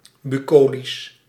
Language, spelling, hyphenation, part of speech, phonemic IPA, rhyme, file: Dutch, bucolisch, bu‧co‧lisch, adjective, /ˌbyˈkoː.lis/, -oːlis, Nl-bucolisch.ogg
- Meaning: bucolic